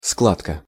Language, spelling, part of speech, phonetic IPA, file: Russian, складка, noun, [ˈskɫatkə], Ru-складка.ogg
- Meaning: crease, buckling, crimp, fold, plica, ply